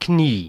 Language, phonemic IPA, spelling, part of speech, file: German, /kniː/, Knie, noun, De-Knie.ogg
- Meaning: knee